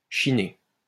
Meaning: 1. to dye and interweave fabrics into cloud motif 2. to take the piss out of 3. to look around, to lurk 4. to bargain-hunt, to antique (informal)
- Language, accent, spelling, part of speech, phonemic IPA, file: French, France, chiner, verb, /ʃi.ne/, LL-Q150 (fra)-chiner.wav